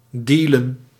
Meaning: to sell drugs
- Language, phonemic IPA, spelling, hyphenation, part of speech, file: Dutch, /ˈdiːlə(n)/, dealen, dea‧len, verb, Nl-dealen.ogg